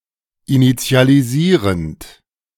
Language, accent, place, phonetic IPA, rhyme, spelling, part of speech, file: German, Germany, Berlin, [init͡si̯aliˈziːʁənt], -iːʁənt, initialisierend, verb, De-initialisierend.ogg
- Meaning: present participle of initialisieren